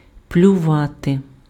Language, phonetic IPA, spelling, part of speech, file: Ukrainian, [plʲʊˈʋate], плювати, verb, Uk-плювати.ogg
- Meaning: to spit